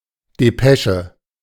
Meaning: dispatch, despatch
- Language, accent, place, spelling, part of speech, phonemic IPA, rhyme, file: German, Germany, Berlin, Depesche, noun, /deˈpɛ.ʃə/, -ɛʃə, De-Depesche.ogg